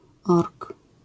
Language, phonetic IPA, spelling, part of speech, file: Polish, [ɔrk], ork, noun, LL-Q809 (pol)-ork.wav